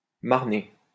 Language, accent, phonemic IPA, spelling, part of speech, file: French, France, /maʁ.ne/, marner, verb, LL-Q150 (fra)-marner.wav
- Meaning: 1. to marl 2. to slog (work hard)